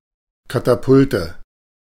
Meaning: nominative/accusative/genitive plural of Katapult
- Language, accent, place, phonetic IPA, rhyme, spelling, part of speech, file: German, Germany, Berlin, [ˌkataˈpʊltə], -ʊltə, Katapulte, noun, De-Katapulte.ogg